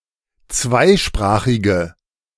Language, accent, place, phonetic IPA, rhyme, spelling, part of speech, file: German, Germany, Berlin, [ˈt͡svaɪ̯ˌʃpʁaːxɪɡə], -aɪ̯ʃpʁaːxɪɡə, zweisprachige, adjective, De-zweisprachige.ogg
- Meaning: inflection of zweisprachig: 1. strong/mixed nominative/accusative feminine singular 2. strong nominative/accusative plural 3. weak nominative all-gender singular